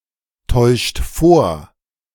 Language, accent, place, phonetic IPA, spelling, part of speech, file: German, Germany, Berlin, [ˌtɔɪ̯ʃt ˈfoːɐ̯], täuscht vor, verb, De-täuscht vor.ogg
- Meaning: inflection of vortäuschen: 1. second-person plural present 2. third-person singular present 3. plural imperative